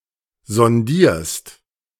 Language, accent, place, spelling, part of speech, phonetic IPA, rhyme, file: German, Germany, Berlin, sondierst, verb, [zɔnˈdiːɐ̯st], -iːɐ̯st, De-sondierst.ogg
- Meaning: second-person singular present of sondieren